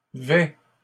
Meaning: third-person singular present indicative of vêtir
- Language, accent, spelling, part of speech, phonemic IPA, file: French, Canada, vêt, verb, /vɛ/, LL-Q150 (fra)-vêt.wav